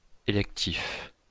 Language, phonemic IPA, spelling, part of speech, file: French, /e.lɛk.tif/, électif, adjective, LL-Q150 (fra)-électif.wav
- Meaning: elective